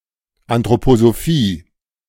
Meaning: anthroposophy
- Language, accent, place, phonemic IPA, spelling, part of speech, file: German, Germany, Berlin, /antʁopozoˈfiː/, Anthroposophie, noun, De-Anthroposophie.ogg